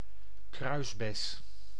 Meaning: 1. The gooseberry plant (Ribes uva-crispa) 2. The berry of this plant; a gooseberry
- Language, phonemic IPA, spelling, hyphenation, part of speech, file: Dutch, /ˈkrœy̯s.bɛs/, kruisbes, kruis‧bes, noun, Nl-kruisbes.ogg